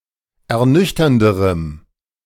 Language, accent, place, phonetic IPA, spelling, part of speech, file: German, Germany, Berlin, [ɛɐ̯ˈnʏçtɐndəʁəm], ernüchternderem, adjective, De-ernüchternderem.ogg
- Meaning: strong dative masculine/neuter singular comparative degree of ernüchternd